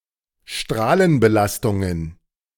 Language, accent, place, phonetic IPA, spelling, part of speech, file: German, Germany, Berlin, [ˈʃtʁaːlənbəˌlastʊŋən], Strahlenbelastungen, noun, De-Strahlenbelastungen.ogg
- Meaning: plural of Strahlenbelastung